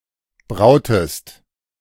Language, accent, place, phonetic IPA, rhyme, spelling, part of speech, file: German, Germany, Berlin, [ˈbʁaʊ̯təst], -aʊ̯təst, brautest, verb, De-brautest.ogg
- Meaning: inflection of brauen: 1. second-person singular preterite 2. second-person singular subjunctive II